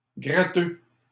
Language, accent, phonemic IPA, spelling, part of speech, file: French, Canada, /ɡʁa.tø/, gratteux, noun / adjective, LL-Q150 (fra)-gratteux.wav
- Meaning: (noun) scratchcard; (adjective) stingy